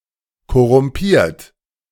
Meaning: 1. past participle of korrumpieren 2. inflection of korrumpieren: third-person singular present 3. inflection of korrumpieren: second-person plural present
- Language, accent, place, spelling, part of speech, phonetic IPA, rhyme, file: German, Germany, Berlin, korrumpiert, verb, [kɔʁʊmˈpiːɐ̯t], -iːɐ̯t, De-korrumpiert.ogg